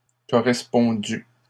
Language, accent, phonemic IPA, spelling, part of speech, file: French, Canada, /kɔ.ʁɛs.pɔ̃.dy/, correspondu, verb, LL-Q150 (fra)-correspondu.wav
- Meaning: past participle of correspondre